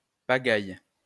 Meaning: muddle; mess
- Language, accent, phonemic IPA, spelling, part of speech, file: French, France, /pa.ɡaj/, pagaille, noun, LL-Q150 (fra)-pagaille.wav